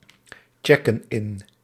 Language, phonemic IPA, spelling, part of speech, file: Dutch, /ˈtʃɛkə(n) ˈɪn/, checken in, verb, Nl-checken in.ogg
- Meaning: inflection of inchecken: 1. plural present indicative 2. plural present subjunctive